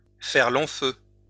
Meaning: to fizzle out, to fail
- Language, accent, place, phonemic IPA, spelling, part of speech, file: French, France, Lyon, /fɛʁ lɔ̃ fø/, faire long feu, verb, LL-Q150 (fra)-faire long feu.wav